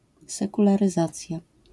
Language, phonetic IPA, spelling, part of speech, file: Polish, [ˌsɛkularɨˈzat͡sʲja], sekularyzacja, noun, LL-Q809 (pol)-sekularyzacja.wav